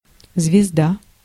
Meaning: 1. star (celestial body) 2. star (celebrity) 3. star (geometric shape) 4. spider 5. Zvezda (module of the International Space Station)
- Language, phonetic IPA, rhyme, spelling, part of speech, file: Russian, [zvʲɪzˈda], -a, звезда, noun, Ru-звезда.ogg